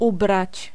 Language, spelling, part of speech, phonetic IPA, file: Polish, ubrać, verb, [ˈubrat͡ɕ], Pl-ubrać.ogg